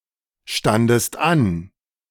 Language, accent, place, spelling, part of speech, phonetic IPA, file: German, Germany, Berlin, standest an, verb, [ˌʃtandəst ˈan], De-standest an.ogg
- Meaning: second-person singular preterite of anstehen